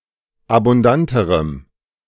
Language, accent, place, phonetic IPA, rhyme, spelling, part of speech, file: German, Germany, Berlin, [abʊnˈdantəʁəm], -antəʁəm, abundanterem, adjective, De-abundanterem.ogg
- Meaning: strong dative masculine/neuter singular comparative degree of abundant